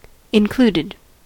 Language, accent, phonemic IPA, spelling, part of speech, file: English, US, /ɪnˈkluːdɪd/, included, verb / adjective, En-us-included.ogg
- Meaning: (verb) simple past and past participle of include; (adjective) 1. Provided as an accompaniment or gratuity 2. Enclosed, not protruding, e.g. stamens within the corolla